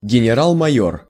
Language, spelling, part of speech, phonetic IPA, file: Russian, генерал-майор, noun, [ɡʲɪnʲɪˈraɫ mɐˈjɵr], Ru-генерал-майор.ogg
- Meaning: major general